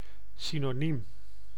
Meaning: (adjective) 1. synonymous, having the same meaning (or nearly) 2. exchangeable, inseparable; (noun) synonym, word with (nearly) the same meaning as another
- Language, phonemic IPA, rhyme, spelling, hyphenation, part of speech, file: Dutch, /sinoːˈniːm/, -im, synoniem, sy‧no‧niem, adjective / noun, Nl-synoniem.ogg